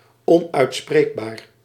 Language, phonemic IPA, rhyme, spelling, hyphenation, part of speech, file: Dutch, /ˌɔn.œy̯tˈspreːk.baːr/, -eːkbaːr, onuitspreekbaar, on‧uit‧spreek‧baar, adjective, Nl-onuitspreekbaar.ogg
- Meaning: unpronounceable